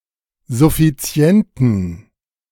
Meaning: inflection of suffizient: 1. strong genitive masculine/neuter singular 2. weak/mixed genitive/dative all-gender singular 3. strong/weak/mixed accusative masculine singular 4. strong dative plural
- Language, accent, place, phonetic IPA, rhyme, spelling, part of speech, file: German, Germany, Berlin, [zʊfiˈt͡si̯ɛntn̩], -ɛntn̩, suffizienten, adjective, De-suffizienten.ogg